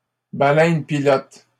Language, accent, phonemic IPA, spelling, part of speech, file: French, Canada, /ba.lɛn.pi.lɔt/, baleine-pilote, noun, LL-Q150 (fra)-baleine-pilote.wav
- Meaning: alternative form of baleine pilote